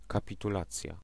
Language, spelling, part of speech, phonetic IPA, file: Polish, kapitulacja, noun, [ˌkapʲituˈlat͡sʲja], Pl-kapitulacja.ogg